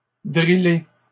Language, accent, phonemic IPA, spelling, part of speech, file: French, Canada, /dʁi.le/, driller, verb, LL-Q150 (fra)-driller.wav
- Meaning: to drill (to instruct, to train, to coach)